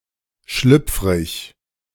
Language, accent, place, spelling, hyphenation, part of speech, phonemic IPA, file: German, Germany, Berlin, schlüpfrig, schlüpf‧rig, adjective, /ˈʃlʏpf.ʁɪç/, De-schlüpfrig.ogg
- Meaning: 1. slippery, slick, greasy, slimy 2. slippery, tricky, unstable, changeable 3. risqué, salacious, scabrous